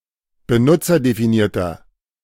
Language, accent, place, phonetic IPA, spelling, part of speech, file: German, Germany, Berlin, [bəˈnʊt͡sɐdefiˌniːɐ̯tɐ], benutzerdefinierter, adjective, De-benutzerdefinierter.ogg
- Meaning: inflection of benutzerdefiniert: 1. strong/mixed nominative masculine singular 2. strong genitive/dative feminine singular 3. strong genitive plural